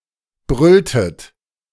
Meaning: inflection of brüllen: 1. second-person plural preterite 2. second-person plural subjunctive II
- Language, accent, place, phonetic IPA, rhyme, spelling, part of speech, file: German, Germany, Berlin, [ˈbʁʏltət], -ʏltət, brülltet, verb, De-brülltet.ogg